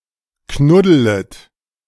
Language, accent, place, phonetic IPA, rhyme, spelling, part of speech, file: German, Germany, Berlin, [ˈknʊdələt], -ʊdələt, knuddelet, verb, De-knuddelet.ogg
- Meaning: second-person plural subjunctive I of knuddeln